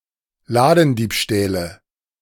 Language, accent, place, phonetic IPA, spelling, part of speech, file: German, Germany, Berlin, [ˈlaːdn̩ˌdiːpʃtɛːlə], Ladendiebstähle, noun, De-Ladendiebstähle.ogg
- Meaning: nominative/accusative/genitive plural of Ladendiebstahl